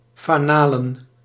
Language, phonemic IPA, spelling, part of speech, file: Dutch, /faˈnalə(n)/, fanalen, noun, Nl-fanalen.ogg
- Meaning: plural of fanaal